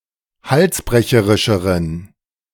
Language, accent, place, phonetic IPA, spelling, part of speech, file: German, Germany, Berlin, [ˈhalsˌbʁɛçəʁɪʃəʁən], halsbrecherischeren, adjective, De-halsbrecherischeren.ogg
- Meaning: inflection of halsbrecherisch: 1. strong genitive masculine/neuter singular comparative degree 2. weak/mixed genitive/dative all-gender singular comparative degree